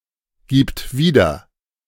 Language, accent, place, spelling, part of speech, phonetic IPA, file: German, Germany, Berlin, gibt wieder, verb, [ˌɡiːpt ˈviːdɐ], De-gibt wieder.ogg
- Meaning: third-person singular present of wiedergeben